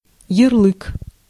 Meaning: 1. yarligh (a written decree in the Mongol Empire and its successor states) 2. label, tag 3. label, pigeonhole (superficial, stereotypical classification of something or someone)
- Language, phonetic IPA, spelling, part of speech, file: Russian, [(j)ɪrˈɫɨk], ярлык, noun, Ru-ярлык.ogg